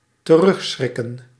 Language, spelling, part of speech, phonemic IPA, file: Dutch, terugschrikken, verb, /təˈrʏxsxrɪkə(n)/, Nl-terugschrikken.ogg
- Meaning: shrink/shy away from, afraid of doing/using